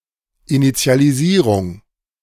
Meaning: initialization
- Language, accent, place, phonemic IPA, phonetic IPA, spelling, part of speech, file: German, Germany, Berlin, /ɪnɪtsi̯aliˈziːʁʊŋ/, [ʔɪnɪtsi̯aliˈziːʁʊŋ], Initialisierung, noun, De-Initialisierung.ogg